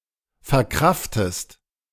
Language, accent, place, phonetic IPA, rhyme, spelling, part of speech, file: German, Germany, Berlin, [fɛɐ̯ˈkʁaftəst], -aftəst, verkraftest, verb, De-verkraftest.ogg
- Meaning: inflection of verkraften: 1. second-person singular present 2. second-person singular subjunctive I